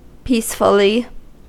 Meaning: In a peaceful manner
- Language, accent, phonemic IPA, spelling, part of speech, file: English, US, /ˈpiːsfəli/, peacefully, adverb, En-us-peacefully.ogg